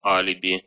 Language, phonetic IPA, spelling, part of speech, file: Russian, [ˈalʲɪbʲɪ], алиби, noun, Ru-а́либи.ogg
- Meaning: alibi (criminal legal defense)